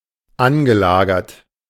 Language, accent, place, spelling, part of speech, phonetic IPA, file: German, Germany, Berlin, angelagert, verb, [ˈanɡəˌlaːɡɐt], De-angelagert.ogg
- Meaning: past participle of anlagern